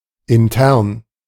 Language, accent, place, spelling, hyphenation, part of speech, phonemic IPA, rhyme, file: German, Germany, Berlin, intern, in‧tern, adjective, /ɪnˈtɛʁn/, -ɛʁn, De-intern.ogg
- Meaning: internal